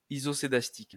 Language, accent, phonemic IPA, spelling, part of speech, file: French, France, /i.zɔ.se.das.tik/, isoscédastique, adjective, LL-Q150 (fra)-isoscédastique.wav
- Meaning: synonym of homoscédastique